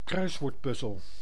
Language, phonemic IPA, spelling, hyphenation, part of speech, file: Dutch, /ˈkrœyswortˌpʏzəl/, kruiswoordpuzzel, kruis‧woord‧puz‧zel, noun, Nl-kruiswoordpuzzel.ogg
- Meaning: crossword, a word puzzle arranged in rows and columns